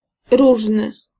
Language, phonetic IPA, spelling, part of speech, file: Polish, [ˈruʒnɨ], różny, adjective, Pl-różny.ogg